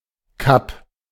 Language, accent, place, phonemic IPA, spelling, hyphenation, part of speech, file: German, Germany, Berlin, /kap/, Cup, Cup, noun, De-Cup.ogg
- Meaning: 1. cup (trophy) 2. cup (of a bra)